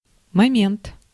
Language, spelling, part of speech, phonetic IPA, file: Russian, момент, noun, [mɐˈmʲent], Ru-момент.ogg
- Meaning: 1. moment 2. point, detail, aspect